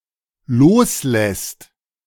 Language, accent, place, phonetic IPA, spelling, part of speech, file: German, Germany, Berlin, [ˈloːsˌlɛst], loslässt, verb, De-loslässt.ogg
- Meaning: second/third-person singular dependent present of loslassen